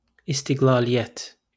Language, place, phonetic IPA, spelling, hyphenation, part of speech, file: Azerbaijani, Baku, [istiɡɫɑ(ː)lijæt], istiqlaliyyət, is‧tiq‧la‧liy‧yət, noun, LL-Q9292 (aze)-istiqlaliyyət.wav
- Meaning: independence